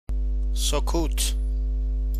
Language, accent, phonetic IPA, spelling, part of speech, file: Persian, Iran, [so.kʰúːt̪ʰ], سکوت, noun, Fa-سکوت.ogg
- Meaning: 1. silence 2. rest